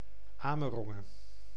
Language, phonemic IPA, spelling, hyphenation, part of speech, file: Dutch, /ˈaː.məˌrɔ.ŋə(n)/, Amerongen, Ame‧ron‧gen, proper noun, Nl-Amerongen.ogg
- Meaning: 1. a village and former municipality of Utrechtse Heuvelrug, Utrecht, Netherlands; a castle in the village 2. A surname in the United States, from the Netherlands